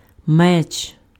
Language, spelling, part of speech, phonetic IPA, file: Ukrainian, меч, noun, [mɛt͡ʃ], Uk-меч.ogg
- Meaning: sword